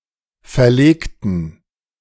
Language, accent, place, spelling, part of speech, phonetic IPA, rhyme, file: German, Germany, Berlin, verlegten, adjective / verb, [fɛɐ̯ˈleːktn̩], -eːktn̩, De-verlegten.ogg
- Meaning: inflection of verlegen: 1. first/third-person plural preterite 2. first/third-person plural subjunctive II